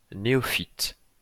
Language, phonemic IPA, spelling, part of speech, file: French, /ne.ɔ.fit/, néophyte, noun, LL-Q150 (fra)-néophyte.wav
- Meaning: neophyte